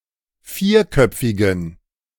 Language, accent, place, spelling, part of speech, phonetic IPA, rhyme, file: German, Germany, Berlin, vierköpfigen, adjective, [ˈfiːɐ̯ˌkœp͡fɪɡn̩], -iːɐ̯kœp͡fɪɡn̩, De-vierköpfigen.ogg
- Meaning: inflection of vierköpfig: 1. strong genitive masculine/neuter singular 2. weak/mixed genitive/dative all-gender singular 3. strong/weak/mixed accusative masculine singular 4. strong dative plural